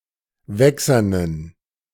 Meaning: inflection of wächsern: 1. strong genitive masculine/neuter singular 2. weak/mixed genitive/dative all-gender singular 3. strong/weak/mixed accusative masculine singular 4. strong dative plural
- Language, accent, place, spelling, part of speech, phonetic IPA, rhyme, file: German, Germany, Berlin, wächsernen, adjective, [ˈvɛksɐnən], -ɛksɐnən, De-wächsernen.ogg